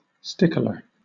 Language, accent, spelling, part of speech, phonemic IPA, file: English, Southern England, stickler, noun, /ˈstɪk.lə/, LL-Q1860 (eng)-stickler.wav
- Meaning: 1. A referee or adjudicator at a fight, wrestling match, duel, etc. who ensures fair play 2. Someone who insistently advocates for something, especially for strict observance of a formal rule